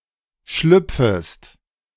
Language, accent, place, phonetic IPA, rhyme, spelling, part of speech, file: German, Germany, Berlin, [ˈʃlʏp͡fəst], -ʏp͡fəst, schlüpfest, verb, De-schlüpfest.ogg
- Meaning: second-person singular subjunctive I of schlüpfen